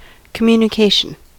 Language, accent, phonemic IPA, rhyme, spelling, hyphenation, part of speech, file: English, US, /kəˌmju.nɪˈkeɪ.ʃən/, -eɪʃən, communication, com‧mu‧ni‧ca‧tion, noun, En-us-communication.ogg
- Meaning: 1. The act or fact of communicating anything; transmission 2. The concept or state of exchanging data or information between entities